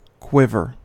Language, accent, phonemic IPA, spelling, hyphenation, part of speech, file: English, General American, /ˈkwɪvɚ/, quiver, quiv‧er, noun / adjective / verb, En-us-quiver.ogg
- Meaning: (noun) 1. A container for arrows, crossbow bolts or darts, such as those fired from a bow, crossbow or blowgun 2. A ready storage location for figurative tools or weapons 3. A vulva